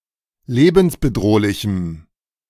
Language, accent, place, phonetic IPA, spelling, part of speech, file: German, Germany, Berlin, [ˈleːbn̩sbəˌdʁoːlɪçm̩], lebensbedrohlichem, adjective, De-lebensbedrohlichem.ogg
- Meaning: strong dative masculine/neuter singular of lebensbedrohlich